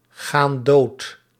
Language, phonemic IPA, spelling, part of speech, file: Dutch, /ˈɣan ˈdot/, gaan dood, verb, Nl-gaan dood.ogg
- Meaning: inflection of doodgaan: 1. plural present indicative 2. plural present subjunctive